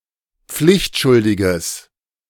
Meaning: strong/mixed nominative/accusative neuter singular of pflichtschuldig
- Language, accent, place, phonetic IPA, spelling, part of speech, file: German, Germany, Berlin, [ˈp͡flɪçtˌʃʊldɪɡəs], pflichtschuldiges, adjective, De-pflichtschuldiges.ogg